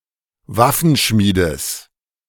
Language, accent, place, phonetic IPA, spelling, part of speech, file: German, Germany, Berlin, [ˈvafənˌʃmiːdəs], Waffenschmiedes, noun, De-Waffenschmiedes.ogg
- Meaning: genitive of Waffenschmied